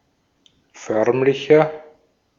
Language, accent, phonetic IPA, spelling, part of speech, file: German, Austria, [ˈfœʁmlɪçɐ], förmlicher, adjective, De-at-förmlicher.ogg
- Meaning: 1. comparative degree of förmlich 2. inflection of förmlich: strong/mixed nominative masculine singular 3. inflection of förmlich: strong genitive/dative feminine singular